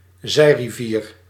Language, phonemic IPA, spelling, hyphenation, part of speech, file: Dutch, /ˈzɛi̯.riˌviːr/, zijrivier, zij‧ri‧vier, noun, Nl-zijrivier.ogg
- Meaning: tributary (river which joins another, larger river)